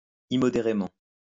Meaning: immoderately
- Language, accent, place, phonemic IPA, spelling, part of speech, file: French, France, Lyon, /i.mɔ.de.ʁe.mɑ̃/, immodérément, adverb, LL-Q150 (fra)-immodérément.wav